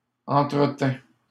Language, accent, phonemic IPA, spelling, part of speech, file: French, Canada, /ɑ̃.tʁə.tɛ̃/, entretînt, verb, LL-Q150 (fra)-entretînt.wav
- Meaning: third-person singular imperfect subjunctive of entretenir